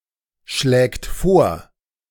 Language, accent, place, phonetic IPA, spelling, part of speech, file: German, Germany, Berlin, [ˌʃlɛːkt ˈfoːɐ̯], schlägt vor, verb, De-schlägt vor.ogg
- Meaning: third-person singular present of vorschlagen